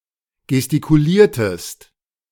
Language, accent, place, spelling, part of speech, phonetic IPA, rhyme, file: German, Germany, Berlin, gestikuliertest, verb, [ɡɛstikuˈliːɐ̯təst], -iːɐ̯təst, De-gestikuliertest.ogg
- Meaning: inflection of gestikulieren: 1. second-person singular preterite 2. second-person singular subjunctive II